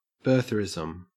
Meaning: A movement in the United States of America that doubts or denies that the 44th President, Barack Obama, is a natural-born U.S. citizen, thus implying that he is ineligible to be President
- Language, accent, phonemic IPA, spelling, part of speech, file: English, Australia, /ˈbɝθɚˌɪz(ə)m/, birtherism, noun, En-au-birtherism.ogg